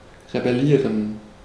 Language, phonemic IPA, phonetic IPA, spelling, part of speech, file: German, /ʁebɛˈliːʁən/, [ʁebɛˈliːɐ̯n], rebellieren, verb, De-rebellieren.ogg
- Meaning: to rebel